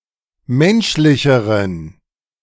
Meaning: inflection of menschlich: 1. strong genitive masculine/neuter singular comparative degree 2. weak/mixed genitive/dative all-gender singular comparative degree
- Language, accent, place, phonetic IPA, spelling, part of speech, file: German, Germany, Berlin, [ˈmɛnʃlɪçəʁən], menschlicheren, adjective, De-menschlicheren.ogg